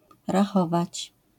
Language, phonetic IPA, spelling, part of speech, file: Polish, [raˈxɔvat͡ɕ], rachować, verb, LL-Q809 (pol)-rachować.wav